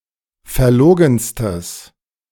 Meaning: strong/mixed nominative/accusative neuter singular superlative degree of verlogen
- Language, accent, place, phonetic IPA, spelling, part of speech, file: German, Germany, Berlin, [fɛɐ̯ˈloːɡn̩stəs], verlogenstes, adjective, De-verlogenstes.ogg